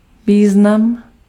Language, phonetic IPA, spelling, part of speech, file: Czech, [ˈviːznam], význam, noun, Cs-význam.ogg
- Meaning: 1. meaning, sense 2. importance (TODO:disambiguation)